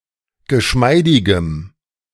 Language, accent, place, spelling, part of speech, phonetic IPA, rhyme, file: German, Germany, Berlin, geschmeidigem, adjective, [ɡəˈʃmaɪ̯dɪɡəm], -aɪ̯dɪɡəm, De-geschmeidigem.ogg
- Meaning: strong dative masculine/neuter singular of geschmeidig